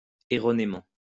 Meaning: wrongly; incorrectly; erroneously
- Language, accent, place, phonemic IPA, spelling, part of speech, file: French, France, Lyon, /e.ʁɔ.ne.mɑ̃/, erronément, adverb, LL-Q150 (fra)-erronément.wav